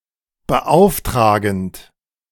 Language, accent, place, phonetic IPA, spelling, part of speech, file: German, Germany, Berlin, [bəˈʔaʊ̯fˌtʁaːɡn̩t], beauftragend, verb, De-beauftragend.ogg
- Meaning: present participle of beauftragen